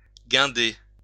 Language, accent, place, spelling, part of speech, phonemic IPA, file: French, France, Lyon, guinder, verb, /ɡɛ̃.de/, LL-Q150 (fra)-guinder.wav
- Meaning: 1. to raise, erect; to hoist 2. to sway, hoist (a yard, mast etc.) 3. to harden (someone), toughen (someone) up; to give (someone) strength